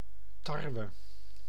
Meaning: wheat (Triticum spp.)
- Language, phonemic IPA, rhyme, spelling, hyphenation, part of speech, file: Dutch, /ˈtɑr.ʋə/, -ɑrʋə, tarwe, tar‧we, noun, Nl-tarwe.ogg